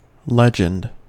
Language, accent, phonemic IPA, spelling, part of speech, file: English, US, /ˈlɛd͡ʒ.ənd/, legend, noun / verb, En-us-legend.ogg
- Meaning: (noun) The life story of a saint (such stories are often embellished, but any kind is called a legend)